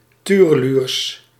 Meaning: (adjective) crazy, nuts; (noun) plural of tureluur
- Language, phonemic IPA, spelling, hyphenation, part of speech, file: Dutch, /ˈtyː.rəˌlyːrs/, tureluurs, tu‧re‧luurs, adjective / noun, Nl-tureluurs.ogg